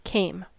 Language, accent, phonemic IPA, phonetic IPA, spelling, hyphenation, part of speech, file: English, US, /ˈkeːm/, [ˈkʰeːm], came, came, verb / preposition / noun, En-us-came.ogg
- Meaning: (verb) 1. simple past of come 2. past participle of come 3. simple past of cum